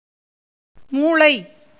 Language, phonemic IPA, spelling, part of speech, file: Tamil, /muːɭɐɪ̯/, மூளை, noun, Ta-மூளை.ogg
- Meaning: 1. brain 2. marrow, medullary substance 3. intelligence, intellect, mind